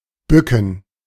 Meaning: to bend down, to stoop
- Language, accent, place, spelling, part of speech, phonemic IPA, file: German, Germany, Berlin, bücken, verb, /ˈbʏkən/, De-bücken.ogg